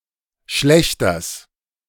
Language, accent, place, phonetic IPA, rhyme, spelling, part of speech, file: German, Germany, Berlin, [ˈʃlɛçtɐs], -ɛçtɐs, Schlächters, noun, De-Schlächters.ogg
- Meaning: genitive singular of Schlächter